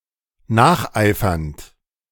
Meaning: present participle of nacheifern
- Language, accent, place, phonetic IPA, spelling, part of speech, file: German, Germany, Berlin, [ˈnaːxˌʔaɪ̯fɐnt], nacheifernd, verb, De-nacheifernd.ogg